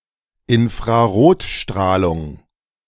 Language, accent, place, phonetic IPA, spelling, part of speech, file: German, Germany, Berlin, [ɪnfʁaˈʁoːtˌʃtʁaːlʊŋ], Infrarotstrahlung, noun, De-Infrarotstrahlung.ogg
- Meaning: infrared radiation